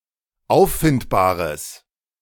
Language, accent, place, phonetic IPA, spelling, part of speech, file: German, Germany, Berlin, [ˈaʊ̯ffɪntbaːʁəs], auffindbares, adjective, De-auffindbares.ogg
- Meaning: strong/mixed nominative/accusative neuter singular of auffindbar